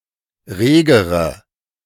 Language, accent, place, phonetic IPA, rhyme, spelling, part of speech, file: German, Germany, Berlin, [ˈʁeːɡəʁə], -eːɡəʁə, regere, adjective, De-regere.ogg
- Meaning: inflection of rege: 1. strong/mixed nominative/accusative feminine singular comparative degree 2. strong nominative/accusative plural comparative degree